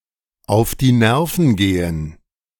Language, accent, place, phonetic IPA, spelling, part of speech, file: German, Germany, Berlin, [aʊ̯f diː ˈnɛʁfn̩ ˈɡeːən], auf die Nerven gehen, phrase, De-auf die Nerven gehen.ogg
- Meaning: to get on someone's nerves, to annoy